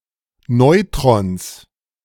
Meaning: genitive singular of Neutron
- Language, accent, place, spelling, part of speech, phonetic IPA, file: German, Germany, Berlin, Neutrons, noun, [ˈnɔɪ̯tʁɔns], De-Neutrons.ogg